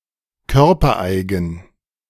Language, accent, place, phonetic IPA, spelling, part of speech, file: German, Germany, Berlin, [ˈkœʁpɐˌʔaɪ̯ɡn̩], körpereigen, adjective, De-körpereigen.ogg
- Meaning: endogenous